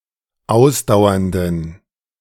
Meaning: inflection of ausdauernd: 1. strong genitive masculine/neuter singular 2. weak/mixed genitive/dative all-gender singular 3. strong/weak/mixed accusative masculine singular 4. strong dative plural
- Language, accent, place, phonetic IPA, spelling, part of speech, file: German, Germany, Berlin, [ˈaʊ̯sdaʊ̯ɐndn̩], ausdauernden, adjective, De-ausdauernden.ogg